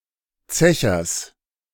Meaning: genitive singular of Zecher
- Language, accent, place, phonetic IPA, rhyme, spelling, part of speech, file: German, Germany, Berlin, [ˈt͡sɛçɐs], -ɛçɐs, Zechers, noun, De-Zechers.ogg